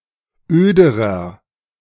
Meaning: inflection of öd: 1. strong/mixed nominative masculine singular comparative degree 2. strong genitive/dative feminine singular comparative degree 3. strong genitive plural comparative degree
- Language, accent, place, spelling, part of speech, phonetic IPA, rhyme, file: German, Germany, Berlin, öderer, adjective, [ˈøːdəʁɐ], -øːdəʁɐ, De-öderer.ogg